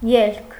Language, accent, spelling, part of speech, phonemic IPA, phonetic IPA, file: Armenian, Eastern Armenian, ելք, noun, /jelkʰ/, [jelkʰ], Hy-ելք.ogg
- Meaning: 1. going out, departure 2. exit, way out 3. solution, way out 4. end, outcome 5. consequence, result 6. yield, output 7. entrance 8. expenditure